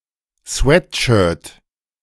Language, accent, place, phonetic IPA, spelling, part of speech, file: German, Germany, Berlin, [ˈsvɛtˌʃœːɐ̯t], Sweatshirt, noun, De-Sweatshirt.ogg
- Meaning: sweatshirt